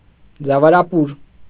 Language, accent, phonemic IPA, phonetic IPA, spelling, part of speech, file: Armenian, Eastern Armenian, /d͡zɑvɑɾɑˈpuɾ/, [d͡zɑvɑɾɑpúɾ], ձավարապուր, noun, Hy-ձավարապուր.ogg
- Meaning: a soup made of hulled wheat, potatoes, tomato puree; egg yolks diluted with water are stirred into the soup before serving